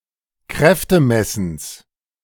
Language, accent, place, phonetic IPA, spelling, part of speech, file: German, Germany, Berlin, [ˈkʁɛftəˌmɛsn̩s], Kräftemessens, noun, De-Kräftemessens.ogg
- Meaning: genitive singular of Kräftemessen